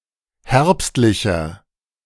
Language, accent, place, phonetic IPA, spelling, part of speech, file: German, Germany, Berlin, [ˈhɛʁpstlɪçɐ], herbstlicher, adjective, De-herbstlicher.ogg
- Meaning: inflection of herbstlich: 1. strong/mixed nominative masculine singular 2. strong genitive/dative feminine singular 3. strong genitive plural